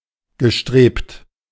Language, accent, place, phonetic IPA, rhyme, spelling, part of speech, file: German, Germany, Berlin, [ɡəˈʃtʁeːpt], -eːpt, gestrebt, verb, De-gestrebt.ogg
- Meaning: past participle of streben